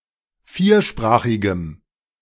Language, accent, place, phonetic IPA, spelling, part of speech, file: German, Germany, Berlin, [ˈfiːɐ̯ˌʃpʁaːxɪɡəm], viersprachigem, adjective, De-viersprachigem.ogg
- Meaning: strong dative masculine/neuter singular of viersprachig